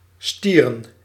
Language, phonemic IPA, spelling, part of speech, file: Dutch, /ˈstirə(n)/, stieren, verb / noun, Nl-stieren.ogg
- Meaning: plural of stier